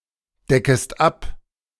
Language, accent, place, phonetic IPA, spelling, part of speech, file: German, Germany, Berlin, [ˌdɛkəst ˈap], deckest ab, verb, De-deckest ab.ogg
- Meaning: second-person singular subjunctive I of abdecken